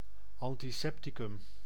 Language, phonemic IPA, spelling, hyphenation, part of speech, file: Dutch, /ˌɑn.tiˈsɛp.ti.kʏm/, antisepticum, an‧ti‧sep‧ti‧cum, noun, Nl-antisepticum.ogg
- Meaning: disinfectant, antiseptic (antiseptic agent)